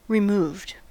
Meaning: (adjective) 1. Separated in time, space, or degree 2. Of a different generation, older or younger; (verb) simple past and past participle of remove
- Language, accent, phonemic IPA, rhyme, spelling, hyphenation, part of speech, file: English, US, /ɹɪˈmuːvd/, -uːvd, removed, re‧moved, adjective / verb, En-us-removed.ogg